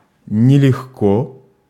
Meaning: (adverb) not easily, with difficulty; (adjective) 1. it is not easy 2. short neuter singular of нелёгкий (neljóxkij)
- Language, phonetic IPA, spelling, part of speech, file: Russian, [nʲɪlʲɪxˈko], нелегко, adverb / adjective, Ru-нелегко.ogg